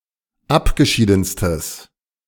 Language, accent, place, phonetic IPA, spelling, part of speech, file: German, Germany, Berlin, [ˈapɡəˌʃiːdn̩stəs], abgeschiedenstes, adjective, De-abgeschiedenstes.ogg
- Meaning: strong/mixed nominative/accusative neuter singular superlative degree of abgeschieden